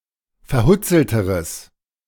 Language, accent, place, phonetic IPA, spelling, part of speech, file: German, Germany, Berlin, [fɛɐ̯ˈhʊt͡sl̩təʁəs], verhutzelteres, adjective, De-verhutzelteres.ogg
- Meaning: strong/mixed nominative/accusative neuter singular comparative degree of verhutzelt